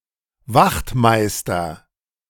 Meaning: 1. master sentinel (a rank of NCO in the cavalry, equivalent to a feldwebel) 2. a sergeant; a Wachtmeister 3. police officer
- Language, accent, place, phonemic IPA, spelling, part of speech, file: German, Germany, Berlin, /ˈvaxtˌmaɪ̯stɐ/, Wachtmeister, noun, De-Wachtmeister.ogg